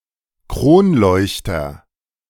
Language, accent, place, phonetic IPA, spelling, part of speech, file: German, Germany, Berlin, [ˈkʁoːnˌlɔɪ̯çtɐ], Kronleuchter, noun, De-Kronleuchter.ogg
- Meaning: chandelier